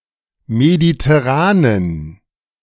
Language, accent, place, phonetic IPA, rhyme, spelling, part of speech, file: German, Germany, Berlin, [meditɛˈʁaːnən], -aːnən, mediterranen, adjective, De-mediterranen.ogg
- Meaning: inflection of mediterran: 1. strong genitive masculine/neuter singular 2. weak/mixed genitive/dative all-gender singular 3. strong/weak/mixed accusative masculine singular 4. strong dative plural